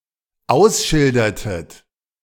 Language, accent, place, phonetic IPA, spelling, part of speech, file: German, Germany, Berlin, [ˈaʊ̯sˌʃɪldɐtət], ausschildertet, verb, De-ausschildertet.ogg
- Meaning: inflection of ausschildern: 1. second-person plural dependent preterite 2. second-person plural dependent subjunctive II